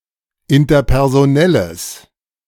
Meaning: strong/mixed nominative/accusative neuter singular of interpersonell
- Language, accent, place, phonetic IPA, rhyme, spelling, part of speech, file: German, Germany, Berlin, [ɪntɐpɛʁzoˈnɛləs], -ɛləs, interpersonelles, adjective, De-interpersonelles.ogg